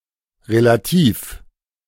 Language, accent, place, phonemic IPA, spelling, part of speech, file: German, Germany, Berlin, /ʁelaˈtiːf/, relativ, adjective, De-relativ.ogg
- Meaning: relative